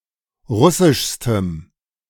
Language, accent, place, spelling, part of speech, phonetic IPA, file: German, Germany, Berlin, russischstem, adjective, [ˈʁʊsɪʃstəm], De-russischstem.ogg
- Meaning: strong dative masculine/neuter singular superlative degree of russisch